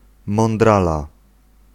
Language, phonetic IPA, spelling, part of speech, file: Polish, [mɔ̃nˈdrala], mądrala, noun, Pl-mądrala.ogg